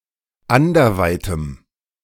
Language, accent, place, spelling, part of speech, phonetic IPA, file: German, Germany, Berlin, anderweitem, adjective, [ˈandɐˌvaɪ̯təm], De-anderweitem.ogg
- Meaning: strong dative masculine/neuter singular of anderweit